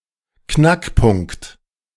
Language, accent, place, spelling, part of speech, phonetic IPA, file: German, Germany, Berlin, Knackpunkt, noun, [ˈknakˌpʊŋkt], De-Knackpunkt.ogg
- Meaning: crux, key point, decisive factor